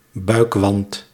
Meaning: abdominal wall
- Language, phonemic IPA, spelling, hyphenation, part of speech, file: Dutch, /ˈbœy̯k.ʋɑnt/, buikwand, buik‧wand, noun, Nl-buikwand.ogg